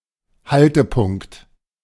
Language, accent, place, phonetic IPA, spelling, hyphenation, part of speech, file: German, Germany, Berlin, [ˈhaltəpʊŋkt], Haltepunkt, Hal‧te‧punkt, noun, De-Haltepunkt.ogg
- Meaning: 1. stop 2. breakpoint 3. bus stop 4. small station